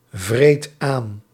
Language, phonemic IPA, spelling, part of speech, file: Dutch, /ˈvret ˈan/, vreet aan, verb, Nl-vreet aan.ogg
- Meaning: inflection of aanvreten: 1. first/second/third-person singular present indicative 2. imperative